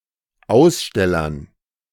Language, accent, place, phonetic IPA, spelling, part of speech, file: German, Germany, Berlin, [ˈaʊ̯sˌʃtɛlɐn], Ausstellern, noun, De-Ausstellern.ogg
- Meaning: dative plural of Aussteller